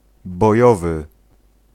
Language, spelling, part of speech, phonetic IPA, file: Polish, bojowy, adjective, [bɔˈjɔvɨ], Pl-bojowy.ogg